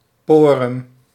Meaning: face
- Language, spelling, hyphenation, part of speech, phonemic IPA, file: Dutch, porem, po‧rem, noun, /ˈpoː.rəm/, Nl-porem.ogg